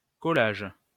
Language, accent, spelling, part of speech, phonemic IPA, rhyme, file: French, France, collage, noun, /kɔ.laʒ/, -aʒ, LL-Q150 (fra)-collage.wav
- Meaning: 1. collage 2. montage